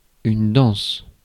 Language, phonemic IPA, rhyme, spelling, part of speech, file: French, /dɑ̃s/, -ɑ̃s, danse, noun / verb, Fr-danse.ogg
- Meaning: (noun) dance; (verb) inflection of danser: 1. first/third-person singular present indicative/subjunctive 2. second-person singular imperative